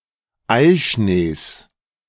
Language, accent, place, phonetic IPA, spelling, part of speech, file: German, Germany, Berlin, [ˈaɪ̯ˌʃneːs], Eischnees, noun, De-Eischnees.ogg
- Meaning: genitive singular of Eischnee